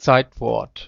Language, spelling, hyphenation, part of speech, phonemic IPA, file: German, Zeitwort, Zeit‧wort, noun, /ˈt͡saɪ̯tˌvɔʁt/, De-Zeitwort.ogg
- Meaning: verb